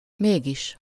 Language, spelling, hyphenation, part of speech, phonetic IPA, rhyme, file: Hungarian, mégis, még‧is, conjunction, [ˈmeːɡiʃ], -iʃ, Hu-mégis.ogg
- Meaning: yet, still, but, however, nevertheless, all the same, notwithstanding, after all (introducing a positive statement in contrast with a negative antecedent; the opposite of mégsem)